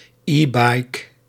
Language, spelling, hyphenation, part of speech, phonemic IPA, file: Dutch, e-bike, e-bike, noun, /ˈiː.bɑi̯k/, Nl-e-bike.ogg
- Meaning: an e-bike